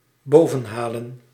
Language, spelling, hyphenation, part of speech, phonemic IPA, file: Dutch, bovenhalen, bo‧ven‧ha‧len, verb, /ˈboːvə(n)ˌɦaːlə(n)/, Nl-bovenhalen.ogg
- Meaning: to unearth, to haul up